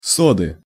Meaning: inflection of со́да (sóda): 1. genitive singular 2. nominative/accusative plural
- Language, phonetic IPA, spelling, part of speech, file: Russian, [ˈsodɨ], соды, noun, Ru-соды.ogg